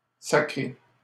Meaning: 1. to crown 2. to post (nominate to a certain post or position) 3. whack; slam (put violently) 4. to swear, curse; to run one's mouth 5. to throw, to fling
- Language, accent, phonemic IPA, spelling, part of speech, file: French, Canada, /sa.kʁe/, sacrer, verb, LL-Q150 (fra)-sacrer.wav